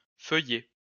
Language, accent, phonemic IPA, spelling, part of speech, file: French, France, /fœ.jɛ/, feuillet, noun, LL-Q150 (fra)-feuillet.wav
- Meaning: 1. page, leaf (of book etc.) 2. layer (of wood) 3. omasum, manyplies (of ruminants)